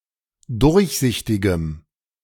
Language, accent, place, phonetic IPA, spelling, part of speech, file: German, Germany, Berlin, [ˈdʊʁçˌzɪçtɪɡəm], durchsichtigem, adjective, De-durchsichtigem.ogg
- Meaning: strong dative masculine/neuter singular of durchsichtig